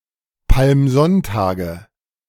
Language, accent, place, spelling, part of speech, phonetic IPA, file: German, Germany, Berlin, Palmsonntage, noun, [palmˈzɔntaːɡə], De-Palmsonntage.ogg
- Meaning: nominative/accusative/genitive plural of Palmsonntag